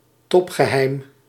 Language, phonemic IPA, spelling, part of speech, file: Dutch, /ˈtɔpxəˌhɛim/, topgeheim, noun, Nl-topgeheim.ogg
- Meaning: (adjective) top secret